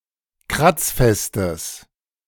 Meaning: strong/mixed nominative/accusative neuter singular of kratzfest
- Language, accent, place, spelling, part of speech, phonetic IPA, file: German, Germany, Berlin, kratzfestes, adjective, [ˈkʁat͡sˌfɛstəs], De-kratzfestes.ogg